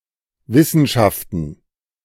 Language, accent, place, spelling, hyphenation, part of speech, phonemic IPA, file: German, Germany, Berlin, Wissenschaften, Wis‧sen‧schaf‧ten, noun, /ˈvɪsənʃaftən/, De-Wissenschaften.ogg
- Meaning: plural of Wissenschaft